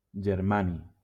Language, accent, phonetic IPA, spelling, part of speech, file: Catalan, Valencia, [d͡ʒeɾˈma.ni], germani, noun, LL-Q7026 (cat)-germani.wav
- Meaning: germanium